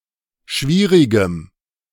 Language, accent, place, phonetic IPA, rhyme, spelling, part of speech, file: German, Germany, Berlin, [ˈʃviːʁɪɡəm], -iːʁɪɡəm, schwierigem, adjective, De-schwierigem.ogg
- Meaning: strong dative masculine/neuter singular of schwierig